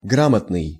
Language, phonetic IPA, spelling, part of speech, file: Russian, [ˈɡramətnɨj], грамотный, adjective, Ru-грамотный.ogg
- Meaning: 1. literate 2. grammatical, correct (of texts, i.e. no spelling mistakes) 3. competent, skilful